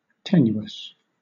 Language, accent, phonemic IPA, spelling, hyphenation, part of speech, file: English, Southern England, /ˈtɛ.njʊ.əs/, tenuous, tenu‧ous, adjective, LL-Q1860 (eng)-tenuous.wav
- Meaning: 1. Thin in substance or consistency 2. Insubstantial 3. Precarious, dependent upon unreliable things